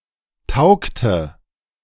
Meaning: inflection of taugen: 1. first/third-person singular preterite 2. first/third-person singular subjunctive II
- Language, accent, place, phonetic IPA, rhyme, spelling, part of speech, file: German, Germany, Berlin, [ˈtaʊ̯ktə], -aʊ̯ktə, taugte, verb, De-taugte.ogg